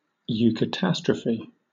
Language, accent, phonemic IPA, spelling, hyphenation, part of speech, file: English, Southern England, /ˌjuːkəˈtæstɹəfi/, eucatastrophe, eu‧ca‧tas‧tro‧phe, noun, LL-Q1860 (eng)-eucatastrophe.wav
- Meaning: A catastrophe (dramatic event leading to plot resolution) that results in the protagonist's well-being